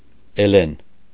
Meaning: a female given name, Elen
- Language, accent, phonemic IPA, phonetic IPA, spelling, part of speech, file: Armenian, Eastern Armenian, /eˈlen/, [elén], Էլեն, proper noun, Hy-Էլեն.ogg